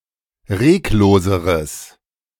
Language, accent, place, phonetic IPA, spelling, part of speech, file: German, Germany, Berlin, [ˈʁeːkˌloːzəʁəs], regloseres, adjective, De-regloseres.ogg
- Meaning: strong/mixed nominative/accusative neuter singular comparative degree of reglos